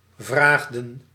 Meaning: inflection of vragen: 1. plural past indicative 2. plural past subjunctive
- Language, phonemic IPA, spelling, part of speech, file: Dutch, /vraxdə(n)/, vraagden, verb, Nl-vraagden.ogg